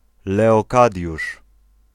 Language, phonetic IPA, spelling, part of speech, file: Polish, [ˌlɛɔˈkadʲjuʃ], Leokadiusz, proper noun, Pl-Leokadiusz.ogg